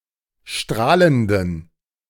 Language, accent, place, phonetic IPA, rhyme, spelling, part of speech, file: German, Germany, Berlin, [ˈʃtʁaːləndn̩], -aːləndn̩, strahlenden, adjective, De-strahlenden.ogg
- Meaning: inflection of strahlend: 1. strong genitive masculine/neuter singular 2. weak/mixed genitive/dative all-gender singular 3. strong/weak/mixed accusative masculine singular 4. strong dative plural